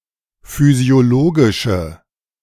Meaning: inflection of physiologisch: 1. strong/mixed nominative/accusative feminine singular 2. strong nominative/accusative plural 3. weak nominative all-gender singular
- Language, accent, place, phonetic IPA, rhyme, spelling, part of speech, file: German, Germany, Berlin, [fyzi̯oˈloːɡɪʃə], -oːɡɪʃə, physiologische, adjective, De-physiologische.ogg